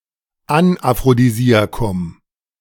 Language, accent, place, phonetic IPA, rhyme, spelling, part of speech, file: German, Germany, Berlin, [anʔafʁodiˈziːakʊm], -iːakʊm, Anaphrodisiakum, noun, De-Anaphrodisiakum.ogg
- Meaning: anaphrodisiac